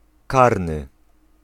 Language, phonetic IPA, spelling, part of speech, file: Polish, [ˈkarnɨ], karny, adjective / noun, Pl-karny.ogg